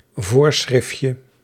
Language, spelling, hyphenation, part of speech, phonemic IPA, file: Dutch, voorschriftje, voor‧schrift‧je, noun, /ˈvoːr.sxrɪf.tjə/, Nl-voorschriftje.ogg
- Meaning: diminutive of voorschrift